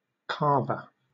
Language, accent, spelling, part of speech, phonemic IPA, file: English, Southern England, calver, noun, /ˈkɑːvə/, LL-Q1860 (eng)-calver.wav
- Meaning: A cow that produces young